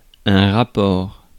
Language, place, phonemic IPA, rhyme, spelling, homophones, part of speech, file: French, Paris, /ʁa.pɔʁ/, -ɔʁ, rapport, rapports, noun, Fr-rapport.ogg
- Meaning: 1. ratio 2. report 3. relationship 4. ellipsis of rapport sexuel (“sexual intercourse”)